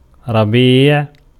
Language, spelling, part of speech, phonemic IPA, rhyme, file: Arabic, ربيع, noun, /ra.biːʕ/, -iːʕ, Ar-ربيع.ogg
- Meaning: 1. spring (season) 2. spring grain 3. spring vegetation, verdure, pasture